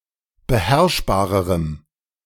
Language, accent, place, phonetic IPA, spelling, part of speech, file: German, Germany, Berlin, [bəˈhɛʁʃbaːʁəʁəm], beherrschbarerem, adjective, De-beherrschbarerem.ogg
- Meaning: strong dative masculine/neuter singular comparative degree of beherrschbar